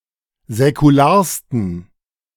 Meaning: 1. superlative degree of säkular 2. inflection of säkular: strong genitive masculine/neuter singular superlative degree
- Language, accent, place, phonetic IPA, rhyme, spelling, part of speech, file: German, Germany, Berlin, [zɛkuˈlaːɐ̯stn̩], -aːɐ̯stn̩, säkularsten, adjective, De-säkularsten.ogg